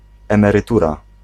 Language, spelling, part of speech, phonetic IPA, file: Polish, emerytura, noun, [ˌɛ̃mɛrɨˈtura], Pl-emerytura.ogg